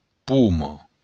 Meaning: apple
- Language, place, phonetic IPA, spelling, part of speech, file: Occitan, Béarn, [ˈpumɒ], poma, noun, LL-Q14185 (oci)-poma.wav